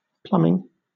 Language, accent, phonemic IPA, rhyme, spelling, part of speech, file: English, Southern England, /ˈplʌmɪŋ/, -ʌmɪŋ, plumbing, noun, LL-Q1860 (eng)-plumbing.wav
- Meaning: 1. The pipes, together with the joints, tanks, stopcocks, taps, and other fixtures of a water, gas, or sewage system in a house or other building 2. The trade or occupation of a plumber